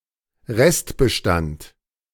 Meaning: 1. remainder, remainder of stock 2. remnant population
- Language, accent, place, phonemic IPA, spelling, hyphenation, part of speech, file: German, Germany, Berlin, /ˈʁɛstbəˌʃtant/, Restbestand, Rest‧be‧stand, noun, De-Restbestand.ogg